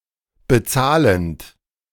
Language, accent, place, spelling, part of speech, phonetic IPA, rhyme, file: German, Germany, Berlin, bezahlend, verb, [bəˈt͡saːlənt], -aːlənt, De-bezahlend.ogg
- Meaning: present participle of bezahlen